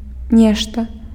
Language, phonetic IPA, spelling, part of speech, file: Belarusian, [ˈnʲeʂta], нешта, pronoun, Be-нешта.ogg
- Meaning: something